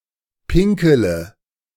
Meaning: inflection of pinkeln: 1. first-person singular present 2. singular imperative 3. first/third-person singular subjunctive I
- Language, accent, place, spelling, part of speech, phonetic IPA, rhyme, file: German, Germany, Berlin, pinkele, verb, [ˈpɪŋkələ], -ɪŋkələ, De-pinkele.ogg